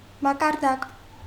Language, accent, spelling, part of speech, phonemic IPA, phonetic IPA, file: Armenian, Eastern Armenian, մակարդակ, noun, /mɑkɑɾˈdɑk/, [mɑkɑɾdɑ́k], Hy-մակարդակ.ogg
- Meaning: 1. level 2. level of one’s mental horizons, education 3. surface